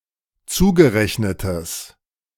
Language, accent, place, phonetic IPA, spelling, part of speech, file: German, Germany, Berlin, [ˈt͡suːɡəˌʁɛçnətəs], zugerechnetes, adjective, De-zugerechnetes.ogg
- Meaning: strong/mixed nominative/accusative neuter singular of zugerechnet